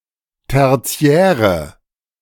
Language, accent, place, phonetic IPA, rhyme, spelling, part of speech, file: German, Germany, Berlin, [ˌtɛʁˈt͡si̯ɛːʁə], -ɛːʁə, tertiäre, adjective, De-tertiäre.ogg
- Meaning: inflection of tertiär: 1. strong/mixed nominative/accusative feminine singular 2. strong nominative/accusative plural 3. weak nominative all-gender singular 4. weak accusative feminine/neuter singular